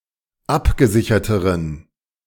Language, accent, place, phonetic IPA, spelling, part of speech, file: German, Germany, Berlin, [ˈapɡəˌzɪçɐtəʁən], abgesicherteren, adjective, De-abgesicherteren.ogg
- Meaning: inflection of abgesichert: 1. strong genitive masculine/neuter singular comparative degree 2. weak/mixed genitive/dative all-gender singular comparative degree